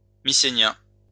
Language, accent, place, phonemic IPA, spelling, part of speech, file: French, France, Lyon, /mi.se.njɛ̃/, mycénien, adjective, LL-Q150 (fra)-mycénien.wav
- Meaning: Mycenaean